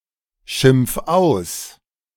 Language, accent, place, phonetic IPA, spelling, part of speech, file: German, Germany, Berlin, [ˌʃɪmp͡f ˈaʊ̯s], schimpf aus, verb, De-schimpf aus.ogg
- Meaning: 1. singular imperative of ausschimpfen 2. first-person singular present of ausschimpfen